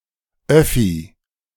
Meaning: short for öffentliches Verkehrsmittel (“public means of transportation”)
- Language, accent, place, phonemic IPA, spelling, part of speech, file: German, Germany, Berlin, /ˈœfi/, Öffi, noun, De-Öffi.ogg